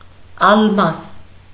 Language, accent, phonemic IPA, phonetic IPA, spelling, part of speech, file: Armenian, Eastern Armenian, /ɑlˈmɑs/, [ɑlmɑ́s], ալմաս, noun, Hy-ալմաս.ogg
- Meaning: alternative form of ալմաստ (almast)